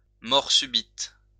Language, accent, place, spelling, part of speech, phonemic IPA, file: French, France, Lyon, mort subite, noun, /mɔʁ sy.bit/, LL-Q150 (fra)-mort subite.wav
- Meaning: sudden death